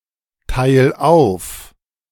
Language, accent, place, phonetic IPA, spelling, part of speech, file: German, Germany, Berlin, [ˌtaɪ̯l ˈaʊ̯f], teil auf, verb, De-teil auf.ogg
- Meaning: 1. singular imperative of aufteilen 2. first-person singular present of aufteilen